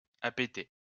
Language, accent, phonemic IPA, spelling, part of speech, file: French, France, /a.pe.te/, appéter, verb, LL-Q150 (fra)-appéter.wav
- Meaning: to (instinctively) desire